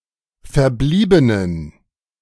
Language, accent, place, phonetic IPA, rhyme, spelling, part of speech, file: German, Germany, Berlin, [fɛɐ̯ˈbliːbənən], -iːbənən, verbliebenen, adjective, De-verbliebenen.ogg
- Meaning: inflection of verblieben: 1. strong genitive masculine/neuter singular 2. weak/mixed genitive/dative all-gender singular 3. strong/weak/mixed accusative masculine singular 4. strong dative plural